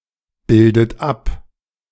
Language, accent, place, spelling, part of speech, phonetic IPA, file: German, Germany, Berlin, bildet ab, verb, [ˌbɪldət ˈap], De-bildet ab.ogg
- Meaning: inflection of abbilden: 1. third-person singular present 2. second-person plural present 3. second-person plural subjunctive I 4. plural imperative